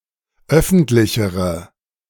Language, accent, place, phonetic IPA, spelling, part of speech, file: German, Germany, Berlin, [ˈœfn̩tlɪçəʁə], öffentlichere, adjective, De-öffentlichere.ogg
- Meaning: inflection of öffentlich: 1. strong/mixed nominative/accusative feminine singular comparative degree 2. strong nominative/accusative plural comparative degree